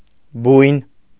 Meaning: 1. nest of a bird 2. den, lair, kennel, burrow, hole of other animals 3. a wretched hovel
- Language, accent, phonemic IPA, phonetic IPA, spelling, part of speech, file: Armenian, Eastern Armenian, /bujn/, [bujn], բույն, noun, Hy-բույն.ogg